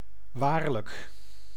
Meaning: truly
- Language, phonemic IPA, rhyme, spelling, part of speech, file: Dutch, /ˈʋaːr.lək/, -aːrlək, waarlijk, adverb, Nl-waarlijk.ogg